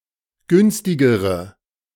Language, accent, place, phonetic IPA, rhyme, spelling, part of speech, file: German, Germany, Berlin, [ˈɡʏnstɪɡəʁə], -ʏnstɪɡəʁə, günstigere, adjective, De-günstigere.ogg
- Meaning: inflection of günstig: 1. strong/mixed nominative/accusative feminine singular comparative degree 2. strong nominative/accusative plural comparative degree